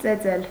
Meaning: 1. to beat; to whip, lash; to thrash 2. to pound, to grind 3. to forge 4. to knock on (door)
- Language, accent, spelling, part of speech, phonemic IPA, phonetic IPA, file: Armenian, Eastern Armenian, ծեծել, verb, /t͡seˈt͡sel/, [t͡set͡sél], Hy-ծեծել.ogg